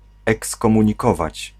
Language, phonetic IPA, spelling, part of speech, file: Polish, [ˌɛkskɔ̃mũɲiˈkɔvat͡ɕ], ekskomunikować, verb, Pl-ekskomunikować.ogg